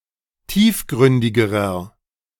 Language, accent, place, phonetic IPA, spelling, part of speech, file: German, Germany, Berlin, [ˈtiːfˌɡʁʏndɪɡəʁɐ], tiefgründigerer, adjective, De-tiefgründigerer.ogg
- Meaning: inflection of tiefgründig: 1. strong/mixed nominative masculine singular comparative degree 2. strong genitive/dative feminine singular comparative degree 3. strong genitive plural comparative degree